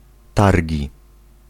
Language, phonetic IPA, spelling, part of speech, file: Polish, [ˈtarʲɟi], targi, noun, Pl-targi.ogg